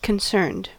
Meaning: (adjective) 1. Showing concern 2. Involved or responsible; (verb) simple past and past participle of concern
- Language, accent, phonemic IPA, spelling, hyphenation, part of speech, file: English, US, /kənˈsɝnd/, concerned, con‧cerned, adjective / verb, En-us-concerned.ogg